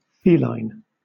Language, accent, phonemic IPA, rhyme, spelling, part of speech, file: English, Southern England, /ˈfiːlaɪn/, -iːlaɪn, feline, adjective / noun, LL-Q1860 (eng)-feline.wav
- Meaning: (adjective) 1. Of or pertaining to cats 2. catlike (resembling a cat); sleek, graceful, inscrutable, sensual, and/or cunning; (noun) A cat: member of the cat family Felidae